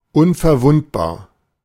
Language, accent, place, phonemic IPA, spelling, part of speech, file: German, Germany, Berlin, /ˌʊnfɛɐ̯ˈvʊntbaːɐ̯/, unverwundbar, adjective, De-unverwundbar.ogg
- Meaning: invulnerable